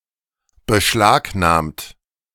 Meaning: past participle of beschlagnahmen
- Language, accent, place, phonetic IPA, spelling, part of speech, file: German, Germany, Berlin, [bəˈʃlaːkˌnaːmt], beschlagnahmt, adjective / verb, De-beschlagnahmt.ogg